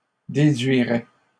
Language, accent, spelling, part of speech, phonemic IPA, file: French, Canada, déduirait, verb, /de.dɥi.ʁɛ/, LL-Q150 (fra)-déduirait.wav
- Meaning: third-person singular conditional of déduire